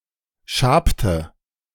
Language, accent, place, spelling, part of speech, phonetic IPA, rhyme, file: German, Germany, Berlin, schabte, verb, [ˈʃaːptə], -aːptə, De-schabte.ogg
- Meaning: inflection of schaben: 1. first/third-person singular preterite 2. first/third-person singular subjunctive II